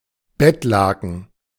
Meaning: bedsheet
- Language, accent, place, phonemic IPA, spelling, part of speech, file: German, Germany, Berlin, /ˈbɛtˌlaːkn̩/, Bettlaken, noun, De-Bettlaken.ogg